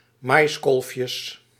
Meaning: plural of maiskolfje
- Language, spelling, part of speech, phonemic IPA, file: Dutch, maiskolfjes, noun, /ˈmɑjskɔlfjəs/, Nl-maiskolfjes.ogg